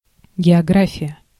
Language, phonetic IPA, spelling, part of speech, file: Russian, [ɡʲɪɐˈɡrafʲɪjə], география, noun, Ru-география.ogg
- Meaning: geography